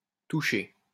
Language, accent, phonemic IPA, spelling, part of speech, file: French, France, /tu.ʃe/, touché, verb / noun, LL-Q150 (fra)-touché.wav
- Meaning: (verb) past participle of toucher; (noun) A six-point score occurring when the ball enters possession of a team's player in the opponent's end zone